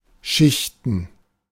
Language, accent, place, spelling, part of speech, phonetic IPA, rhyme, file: German, Germany, Berlin, schichten, verb, [ˈʃɪçtn̩], -ɪçtn̩, De-schichten.ogg
- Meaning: to layer, stratify, laminate